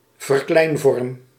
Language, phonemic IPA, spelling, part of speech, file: Dutch, /vərˈklɛinvɔrᵊm/, verkleinvorm, noun, Nl-verkleinvorm.ogg
- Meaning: diminutive (form)